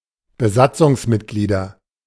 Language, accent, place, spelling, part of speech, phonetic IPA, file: German, Germany, Berlin, Besatzungsmitglieder, noun, [bəˈzat͡sʊŋsˌmɪtɡliːdɐ], De-Besatzungsmitglieder.ogg
- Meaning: nominative/accusative/genitive plural of Besatzungsmitglied